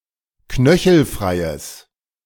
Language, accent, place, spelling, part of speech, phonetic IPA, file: German, Germany, Berlin, knöchelfreies, adjective, [ˈknœçl̩ˌfʁaɪ̯əs], De-knöchelfreies.ogg
- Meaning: strong/mixed nominative/accusative neuter singular of knöchelfrei